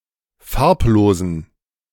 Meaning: inflection of farblos: 1. strong genitive masculine/neuter singular 2. weak/mixed genitive/dative all-gender singular 3. strong/weak/mixed accusative masculine singular 4. strong dative plural
- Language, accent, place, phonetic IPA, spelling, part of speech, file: German, Germany, Berlin, [ˈfaʁpˌloːzn̩], farblosen, adjective, De-farblosen.ogg